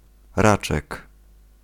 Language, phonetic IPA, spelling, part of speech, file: Polish, [ˈrat͡ʃɛk], raczek, noun, Pl-raczek.ogg